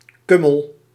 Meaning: 1. caraway (Carum carvi) 2. kummel (caraway-based spirits)
- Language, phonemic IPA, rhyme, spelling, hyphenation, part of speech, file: Dutch, /ˈkʏ.məl/, -ʏməl, kummel, kum‧mel, noun, Nl-kummel.ogg